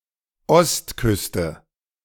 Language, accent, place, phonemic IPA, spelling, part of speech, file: German, Germany, Berlin, /ˈɔstˌkʏstə/, Ostküste, noun / proper noun, De-Ostküste.ogg
- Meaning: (noun) eastern coast (any coast to the East of a country or region); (proper noun) 1. East Coast (the eastern coast of North America) 2. the Jewish establishment of the Northeast megalopolis